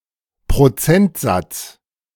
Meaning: percentage
- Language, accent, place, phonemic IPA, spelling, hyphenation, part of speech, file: German, Germany, Berlin, /pʁoˈt͡sɛntˌzat͡s/, Prozentsatz, Pro‧zent‧satz, noun, De-Prozentsatz.ogg